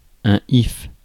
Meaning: yew
- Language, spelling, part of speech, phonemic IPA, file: French, if, noun, /if/, Fr-if.ogg